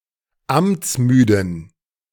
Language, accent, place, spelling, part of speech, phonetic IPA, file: German, Germany, Berlin, amtsmüden, adjective, [ˈamt͡sˌmyːdn̩], De-amtsmüden.ogg
- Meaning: inflection of amtsmüde: 1. strong genitive masculine/neuter singular 2. weak/mixed genitive/dative all-gender singular 3. strong/weak/mixed accusative masculine singular 4. strong dative plural